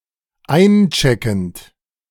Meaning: present participle of einchecken
- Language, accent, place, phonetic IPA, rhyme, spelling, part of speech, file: German, Germany, Berlin, [ˈaɪ̯nˌt͡ʃɛkn̩t], -aɪ̯nt͡ʃɛkn̩t, eincheckend, verb, De-eincheckend.ogg